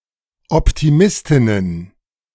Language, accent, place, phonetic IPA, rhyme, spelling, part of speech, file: German, Germany, Berlin, [ɔptiˈmɪstɪnən], -ɪstɪnən, Optimistinnen, noun, De-Optimistinnen.ogg
- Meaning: plural of Optimistin